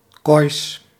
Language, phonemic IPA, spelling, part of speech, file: Dutch, /ɣɔjs/, gojs, adjective, Nl-gojs.ogg
- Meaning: goy, gentile in the Jewish sense of ethnic non-Jew